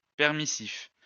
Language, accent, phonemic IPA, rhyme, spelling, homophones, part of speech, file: French, France, /pɛʁ.mi.sif/, -if, permissif, permissifs, adjective, LL-Q150 (fra)-permissif.wav
- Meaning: permissive, lenient